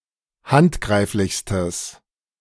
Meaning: strong/mixed nominative/accusative neuter singular superlative degree of handgreiflich
- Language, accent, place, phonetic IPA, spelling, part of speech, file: German, Germany, Berlin, [ˈhantˌɡʁaɪ̯flɪçstəs], handgreiflichstes, adjective, De-handgreiflichstes.ogg